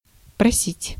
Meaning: 1. to ask for, to request 2. to be a beggar 3. to invite, to call 4. to make a fuss, to stand up (for), to speak up, to petition, to plead
- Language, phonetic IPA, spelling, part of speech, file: Russian, [prɐˈsʲitʲ], просить, verb, Ru-просить.ogg